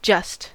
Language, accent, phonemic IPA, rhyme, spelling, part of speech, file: English, General American, /d͡ʒʌst/, -ʌst, just, adjective / adverb / interjection / noun / verb, En-us-just.ogg
- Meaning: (adjective) 1. Factually right, correct; factual 2. Rationally right, correct 3. Morally right; upright, righteous, equitable; fair 4. Proper, adequate; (adverb) Only, simply, merely